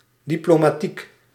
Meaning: diplomatic
- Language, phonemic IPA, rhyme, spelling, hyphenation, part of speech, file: Dutch, /ˌdi.ploː.maːˈtik/, -ik, diplomatiek, di‧plo‧ma‧tiek, adjective, Nl-diplomatiek.ogg